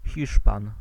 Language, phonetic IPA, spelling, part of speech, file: Polish, [ˈxʲiʃpãn], Hiszpan, noun, Pl-Hiszpan.ogg